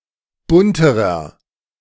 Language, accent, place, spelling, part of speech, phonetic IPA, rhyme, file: German, Germany, Berlin, bunterer, adjective, [ˈbʊntəʁɐ], -ʊntəʁɐ, De-bunterer.ogg
- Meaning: inflection of bunt: 1. strong/mixed nominative masculine singular comparative degree 2. strong genitive/dative feminine singular comparative degree 3. strong genitive plural comparative degree